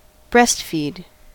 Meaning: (verb) 1. To feed (a baby) milk via the breasts; to suckle; to nurse 2. To nurse, to suck milk from a breast; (noun) An instance of feeding milk to a baby from the breasts; a breastfeeding
- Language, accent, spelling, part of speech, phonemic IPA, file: English, US, breastfeed, verb / noun, /ˈbɹɛs(t)fiːd/, En-us-breastfeed.ogg